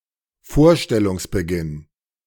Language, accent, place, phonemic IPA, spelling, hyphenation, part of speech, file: German, Germany, Berlin, /ˈfoːɐ̯ˌʃtɛlʊŋs.bəˌɡɪn/, Vorstellungsbeginn, Vor‧stel‧lungs‧be‧ginn, noun, De-Vorstellungsbeginn.ogg
- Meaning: beginning of the performance, showtime